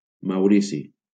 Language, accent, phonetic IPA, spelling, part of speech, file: Catalan, Valencia, [mawˈɾi.si], Maurici, proper noun, LL-Q7026 (cat)-Maurici.wav
- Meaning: 1. a male given name, equivalent to English Maurice 2. Mauritius (a country in the Indian Ocean, east of East Africa and Madagascar) 3. Mauritius (the main island of the country of Mauritius)